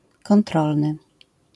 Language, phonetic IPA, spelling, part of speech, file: Polish, [kɔ̃nˈtrɔlnɨ], kontrolny, adjective, LL-Q809 (pol)-kontrolny.wav